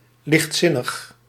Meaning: frivolous, unserious
- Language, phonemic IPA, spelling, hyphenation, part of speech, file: Dutch, /ˌlɪxtˈsɪ.nəx/, lichtzinnig, licht‧zin‧nig, adjective, Nl-lichtzinnig.ogg